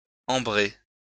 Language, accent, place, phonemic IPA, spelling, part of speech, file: French, France, Lyon, /ɑ̃.bʁe/, ambrer, verb, LL-Q150 (fra)-ambrer.wav
- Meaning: to perfume with ambergris